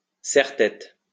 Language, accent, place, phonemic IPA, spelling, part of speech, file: French, France, Lyon, /sɛʁ.tɛt/, serre-tête, noun, LL-Q150 (fra)-serre-tête.wav
- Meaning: 1. headband, hairband 2. kerchief, bandana